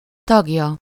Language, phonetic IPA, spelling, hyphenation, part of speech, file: Hungarian, [ˈtɒɡjɒ], tagja, tag‧ja, noun, Hu-tagja.ogg
- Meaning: third-person singular single-possession possessive of tag